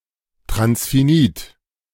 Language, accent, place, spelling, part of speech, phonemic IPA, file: German, Germany, Berlin, transfinit, adjective, /tʁansfiˈniːt/, De-transfinit.ogg
- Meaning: transfinite